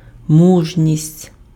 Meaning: courage, fortitude
- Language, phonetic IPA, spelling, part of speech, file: Ukrainian, [ˈmuʒnʲisʲtʲ], мужність, noun, Uk-мужність.ogg